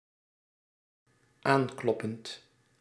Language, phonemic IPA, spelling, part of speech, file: Dutch, /ˈaŋklɔpənt/, aankloppend, verb, Nl-aankloppend.ogg
- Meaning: present participle of aankloppen